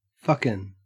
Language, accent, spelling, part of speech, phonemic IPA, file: English, Australia, fuckin, verb / adjective, /ˈfʌkɪn/, En-au-fuckin.ogg
- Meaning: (verb) Pronunciation spelling of fucking